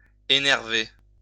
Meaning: 1. to vex, to get on one's nerves 2. to unnerve, to make nervous 3. to be excited
- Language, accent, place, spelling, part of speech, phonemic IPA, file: French, France, Lyon, énerver, verb, /e.nɛʁ.ve/, LL-Q150 (fra)-énerver.wav